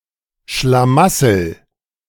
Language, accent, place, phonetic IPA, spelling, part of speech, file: German, Germany, Berlin, [ʃlaˈmasəl], Schlamassel, noun, De-Schlamassel.ogg
- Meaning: trouble, difficult situation, misfortune